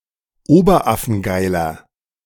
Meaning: inflection of oberaffengeil: 1. strong/mixed nominative masculine singular 2. strong genitive/dative feminine singular 3. strong genitive plural
- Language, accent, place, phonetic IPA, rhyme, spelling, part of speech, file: German, Germany, Berlin, [ˈoːbɐˈʔafn̩ˈɡaɪ̯lɐ], -aɪ̯lɐ, oberaffengeiler, adjective, De-oberaffengeiler.ogg